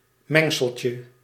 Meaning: diminutive of mengsel
- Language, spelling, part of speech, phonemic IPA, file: Dutch, mengseltje, noun, /ˈmɛŋsəlcə/, Nl-mengseltje.ogg